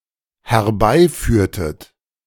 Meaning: inflection of herbeiführen: 1. second-person plural dependent preterite 2. second-person plural dependent subjunctive II
- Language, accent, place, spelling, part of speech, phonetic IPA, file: German, Germany, Berlin, herbeiführtet, verb, [hɛɐ̯ˈbaɪ̯ˌfyːɐ̯tət], De-herbeiführtet.ogg